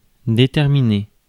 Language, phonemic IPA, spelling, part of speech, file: French, /de.tɛʁ.mi.ne/, déterminer, verb, Fr-déterminer.ogg
- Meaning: to determine, establish